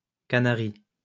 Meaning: Canary Islands (an archipelago and autonomous community of Spain, off the coast of northwestern Africa, near Morocco)
- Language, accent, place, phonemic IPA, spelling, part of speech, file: French, France, Lyon, /ka.na.ʁi/, Canaries, proper noun, LL-Q150 (fra)-Canaries.wav